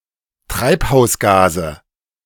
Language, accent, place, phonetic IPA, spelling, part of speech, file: German, Germany, Berlin, [ˈtʁaɪ̯phaʊ̯sˌɡaːzə], Treibhausgase, noun, De-Treibhausgase.ogg
- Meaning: nominative/accusative/genitive plural of Treibhausgas